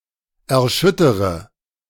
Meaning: inflection of erschüttern: 1. first-person singular present 2. first/third-person singular subjunctive I 3. singular imperative
- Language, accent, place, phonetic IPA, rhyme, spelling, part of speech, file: German, Germany, Berlin, [ɛɐ̯ˈʃʏtəʁə], -ʏtəʁə, erschüttere, verb, De-erschüttere.ogg